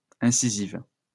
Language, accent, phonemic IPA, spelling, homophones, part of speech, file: French, France, /ɛ̃.si.ziv/, incisives, incisive, adjective, LL-Q150 (fra)-incisives.wav
- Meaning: feminine plural of incisif